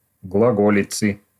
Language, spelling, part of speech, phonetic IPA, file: Russian, глаголицы, noun, [ɡɫɐˈɡolʲɪt͡sɨ], Ru-глаголицы.ogg
- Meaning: genitive singular of глаго́лица (glagólica)